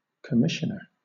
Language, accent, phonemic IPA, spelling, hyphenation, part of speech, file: English, Southern England, /kəˈmɪ.ʃə.nə/, commissioner, com‧mis‧sion‧er, noun, LL-Q1860 (eng)-commissioner.wav
- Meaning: 1. One who commissions something 2. One commissioned to perform certain duties 3. A member of a commission